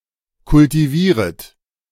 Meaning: second-person plural subjunctive I of kultivieren
- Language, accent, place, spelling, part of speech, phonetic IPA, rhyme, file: German, Germany, Berlin, kultivieret, verb, [kʊltiˈviːʁət], -iːʁət, De-kultivieret.ogg